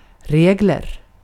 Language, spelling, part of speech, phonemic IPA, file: Swedish, regel, noun, /¹reːɡɛl/, Sv-regel.ogg
- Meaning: A rule or regulation